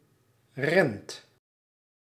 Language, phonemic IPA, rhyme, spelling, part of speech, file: Dutch, /rɛnt/, -ɛnt, rent, verb, Nl-rent.ogg
- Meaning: inflection of rennen: 1. second/third-person singular present indicative 2. plural imperative